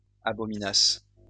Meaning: first-person singular imperfect subjunctive of abominer
- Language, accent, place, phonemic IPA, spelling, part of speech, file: French, France, Lyon, /a.bɔ.mi.nas/, abominasse, verb, LL-Q150 (fra)-abominasse.wav